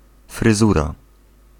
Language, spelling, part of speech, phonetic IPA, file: Polish, fryzura, noun, [frɨˈzura], Pl-fryzura.ogg